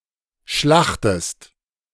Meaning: inflection of schlachten: 1. second-person singular present 2. second-person singular subjunctive I
- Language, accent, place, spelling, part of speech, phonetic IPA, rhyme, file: German, Germany, Berlin, schlachtest, verb, [ˈʃlaxtəst], -axtəst, De-schlachtest.ogg